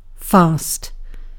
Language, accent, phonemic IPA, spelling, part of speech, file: English, Received Pronunciation, /fɑːst/, fast, adjective / noun / interjection / adverb / verb, En-uk-fast.ogg
- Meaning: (adjective) 1. Firmly or securely fixed in place; stable 2. Firm against attack; fortified by nature or art; impregnable; strong